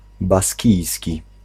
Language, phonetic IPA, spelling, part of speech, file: Polish, [baˈsʲcijsʲci], baskijski, adjective / noun, Pl-baskijski.ogg